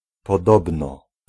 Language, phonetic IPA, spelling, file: Polish, [pɔˈdɔbnɔ], podobno, Pl-podobno.ogg